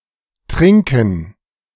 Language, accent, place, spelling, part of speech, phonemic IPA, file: German, Germany, Berlin, Trinken, noun, /ˈtʁɪŋkən/, De-Trinken.ogg
- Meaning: gerund of trinken: 1. drinking (consumption of liquids) 2. drinking (alcohol abuse) 3. something to drink, a beverage